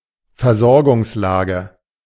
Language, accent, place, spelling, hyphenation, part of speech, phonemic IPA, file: German, Germany, Berlin, Versorgungslage, Ver‧sor‧gungs‧la‧ge, noun, /fɛɐ̯ˈzɔʁɡʊŋsˌlaːɡə/, De-Versorgungslage.ogg
- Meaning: supply situation